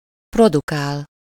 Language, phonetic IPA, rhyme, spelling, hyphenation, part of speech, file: Hungarian, [ˈprodukaːl], -aːl, produkál, pro‧du‧kál, verb, Hu-produkál.ogg
- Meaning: 1. to produce (to yield, make, or manufacture) 2. to produce, to generate 3. to produce (to provide for inspection)